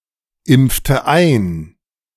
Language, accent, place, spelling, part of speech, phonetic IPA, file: German, Germany, Berlin, impfte ein, verb, [ˌɪmp͡ftə ˈaɪ̯n], De-impfte ein.ogg
- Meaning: inflection of einimpfen: 1. first/third-person singular preterite 2. first/third-person singular subjunctive II